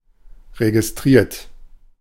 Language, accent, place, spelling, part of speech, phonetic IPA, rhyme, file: German, Germany, Berlin, registriert, verb, [ʁeɡɪsˈtʁiːɐ̯t], -iːɐ̯t, De-registriert.ogg
- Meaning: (verb) past participle of registrieren; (adjective) registered